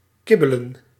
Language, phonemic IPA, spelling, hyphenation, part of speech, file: Dutch, /ˈkɪbələ(n)/, kibbelen, kib‧be‧len, verb, Nl-kibbelen.ogg
- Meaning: to bicker